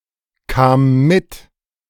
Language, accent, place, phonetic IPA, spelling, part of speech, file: German, Germany, Berlin, [ˌkaːm ˈmɪt], kam mit, verb, De-kam mit.ogg
- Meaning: first/third-person singular preterite of mitkommen